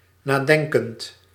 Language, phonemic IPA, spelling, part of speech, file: Dutch, /naˈdɛŋkənt/, nadenkend, adjective / verb, Nl-nadenkend.ogg
- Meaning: present participle of nadenken